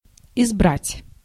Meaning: to choose, to elect
- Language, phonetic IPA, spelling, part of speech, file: Russian, [ɪzˈbratʲ], избрать, verb, Ru-избрать.ogg